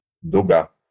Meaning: 1. arc, arch 2. arc 3. bow, curve, rib 4. shaft bow (of a harness)
- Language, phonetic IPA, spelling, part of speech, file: Russian, [dʊˈɡa], дуга, noun, Ru-дуга.ogg